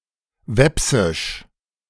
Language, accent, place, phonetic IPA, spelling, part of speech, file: German, Germany, Berlin, [ˈvɛpsɪʃ], Wepsisch, noun, De-Wepsisch.ogg
- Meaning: Veps (the Veps language)